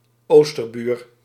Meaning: 1. neighbour to the East 2. the Germans, Germany (the country the Netherlands border in the East)
- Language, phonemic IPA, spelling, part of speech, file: Dutch, /ˈoːstərˌbyːr/, oosterbuur, noun, Nl-oosterbuur.ogg